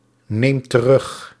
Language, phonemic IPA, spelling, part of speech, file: Dutch, /ˈnemt t(ə)ˈrʏx/, neemt terug, verb, Nl-neemt terug.ogg
- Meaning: inflection of terugnemen: 1. second/third-person singular present indicative 2. plural imperative